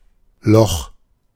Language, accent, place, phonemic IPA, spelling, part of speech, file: German, Germany, Berlin, /lɔx/, Loch, noun, De-Loch.ogg
- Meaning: 1. hole; perforation 2. hole in the ground; pit 3. gap; bare spot 4. cavity 5. dungeon; underground prison 6. prison; jail 7. apartment, flat or house in a bad condition; dump